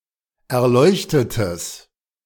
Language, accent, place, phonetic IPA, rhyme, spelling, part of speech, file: German, Germany, Berlin, [ɛɐ̯ˈlɔɪ̯çtətəs], -ɔɪ̯çtətəs, erleuchtetes, adjective, De-erleuchtetes.ogg
- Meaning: strong/mixed nominative/accusative neuter singular of erleuchtet